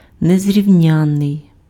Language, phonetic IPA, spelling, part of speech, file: Ukrainian, [nezʲrʲiu̯ˈnʲanːei̯], незрівнянний, adjective, Uk-незрівнянний.ogg
- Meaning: incomparable, unequalled, unmatched, matchless, peerless